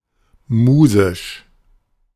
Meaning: 1. of the fine arts 2. Muse
- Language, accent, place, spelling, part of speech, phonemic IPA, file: German, Germany, Berlin, musisch, adjective, /ˈmuːzɪʃ/, De-musisch.ogg